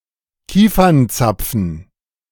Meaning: pine cone
- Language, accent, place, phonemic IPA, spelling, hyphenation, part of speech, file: German, Germany, Berlin, /ˈkiːfɐnˌtsapfn/, Kiefernzapfen, Kie‧fern‧zap‧fen, noun, De-Kiefernzapfen.ogg